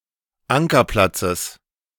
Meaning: genitive singular of Ankerplatz
- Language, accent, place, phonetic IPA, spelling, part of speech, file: German, Germany, Berlin, [ˈaŋkɐˌplat͡səs], Ankerplatzes, noun, De-Ankerplatzes.ogg